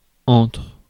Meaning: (preposition) 1. between 2. among; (verb) inflection of entrer: 1. first/third-person singular present indicative/subjunctive 2. second-person singular imperative
- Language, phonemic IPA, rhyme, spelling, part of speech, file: French, /ɑ̃tʁ/, -ɑ̃tʁ, entre, preposition / verb, Fr-entre.ogg